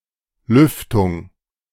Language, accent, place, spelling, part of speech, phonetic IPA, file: German, Germany, Berlin, Lüftung, noun, [ˈlʏftʊŋ], De-Lüftung.ogg
- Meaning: ventilation